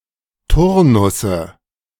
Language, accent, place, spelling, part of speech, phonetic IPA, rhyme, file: German, Germany, Berlin, Turnusse, noun, [ˈtʊʁnʊsə], -ʊʁnʊsə, De-Turnusse.ogg
- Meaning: nominative/accusative/genitive plural of Turnus